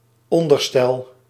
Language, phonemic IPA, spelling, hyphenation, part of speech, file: Dutch, /ˈɔn.dərˌstɛl/, onderstel, on‧der‧stel, noun, Nl-onderstel.ogg
- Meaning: undercarriage, underframe, chassis (supporting framework onto which something is mounted, often to enable transport)